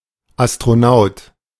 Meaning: astronaut
- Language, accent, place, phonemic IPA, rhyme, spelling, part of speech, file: German, Germany, Berlin, /ˌas.tʁoˈnaʊ̯t/, -aʊ̯t, Astronaut, noun, De-Astronaut.ogg